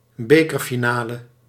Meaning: a match in which the winner of a cup is decided; a cup final
- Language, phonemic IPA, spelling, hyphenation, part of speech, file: Dutch, /ˈbeː.kər.fiˌnaː.lə/, bekerfinale, be‧ker‧fi‧na‧le, noun, Nl-bekerfinale.ogg